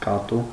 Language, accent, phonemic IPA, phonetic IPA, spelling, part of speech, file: Armenian, Eastern Armenian, /kɑˈtu/, [kɑtú], կատու, noun, Hy-կատու.ogg
- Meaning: cat